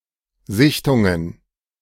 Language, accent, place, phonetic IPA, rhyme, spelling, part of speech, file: German, Germany, Berlin, [ˈzɪçtʊŋən], -ɪçtʊŋən, Sichtungen, noun, De-Sichtungen.ogg
- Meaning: plural of Sichtung